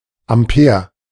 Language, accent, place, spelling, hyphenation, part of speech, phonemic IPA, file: German, Germany, Berlin, Ampere, Am‧pere, noun, /amˈpeːɐ̯/, De-Ampere.ogg
- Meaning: ampere (unit of electrical current)